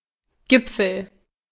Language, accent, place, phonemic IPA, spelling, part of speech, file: German, Germany, Berlin, /ˈɡɪp͡fl̩/, Gipfel, noun, De-Gipfel.ogg
- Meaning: 1. peak, pinnacle 2. summit